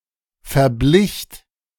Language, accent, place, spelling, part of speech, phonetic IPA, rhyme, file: German, Germany, Berlin, verblicht, verb, [fɛɐ̯ˈblɪçt], -ɪçt, De-verblicht.ogg
- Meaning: second-person plural preterite of verbleichen